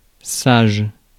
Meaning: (adjective) 1. wise: prudent, cautious, and judicious 2. Chaste, modest, irreproachable in conduct 3. good, well-behaved, not naughty; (noun) a person who is prudent, cautious, and judicious
- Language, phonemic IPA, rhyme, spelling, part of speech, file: French, /saʒ/, -aʒ, sage, adjective / noun, Fr-sage.ogg